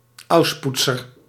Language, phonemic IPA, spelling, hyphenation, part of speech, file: Dutch, /ˈɑu̯sˌput.sər/, ausputzer, aus‧put‧zer, noun, Nl-ausputzer.ogg
- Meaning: a sweeper, a libero